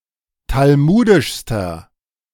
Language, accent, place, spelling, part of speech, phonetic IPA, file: German, Germany, Berlin, talmudischster, adjective, [talˈmuːdɪʃstɐ], De-talmudischster.ogg
- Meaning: inflection of talmudisch: 1. strong/mixed nominative masculine singular superlative degree 2. strong genitive/dative feminine singular superlative degree 3. strong genitive plural superlative degree